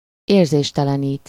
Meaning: to anesthetize, narcotize
- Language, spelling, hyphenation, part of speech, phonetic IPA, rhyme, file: Hungarian, érzéstelenít, ér‧zés‧te‧le‧nít, verb, [ˈeːrzeːʃtɛlɛniːt], -iːt, Hu-érzéstelenít.ogg